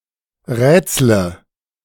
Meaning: inflection of rätseln: 1. first-person singular present 2. first/third-person singular subjunctive I 3. singular imperative
- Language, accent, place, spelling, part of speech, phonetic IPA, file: German, Germany, Berlin, rätsle, verb, [ˈʁɛːt͡slə], De-rätsle.ogg